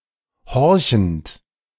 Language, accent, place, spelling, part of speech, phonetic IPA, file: German, Germany, Berlin, horchend, verb, [ˈhɔʁçn̩t], De-horchend.ogg
- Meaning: present participle of horchen